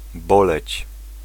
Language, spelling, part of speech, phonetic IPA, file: Polish, boleć, verb, [ˈbɔlɛt͡ɕ], Pl-boleć.ogg